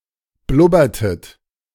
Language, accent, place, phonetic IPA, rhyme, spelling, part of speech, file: German, Germany, Berlin, [ˈblʊbɐtət], -ʊbɐtət, blubbertet, verb, De-blubbertet.ogg
- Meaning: inflection of blubbern: 1. second-person plural preterite 2. second-person plural subjunctive II